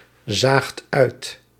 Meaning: second-person (gij) singular past indicative of uitzien
- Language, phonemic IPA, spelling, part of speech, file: Dutch, /ˈzaxt ˈœyt/, zaagt uit, verb, Nl-zaagt uit.ogg